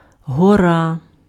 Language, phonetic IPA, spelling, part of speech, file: Ukrainian, [ɦɔˈra], гора, noun, Uk-гора.ogg
- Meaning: mountain